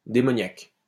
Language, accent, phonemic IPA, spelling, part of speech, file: French, France, /de.mɔ.njak/, démoniaque, adjective, LL-Q150 (fra)-démoniaque.wav
- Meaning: demonic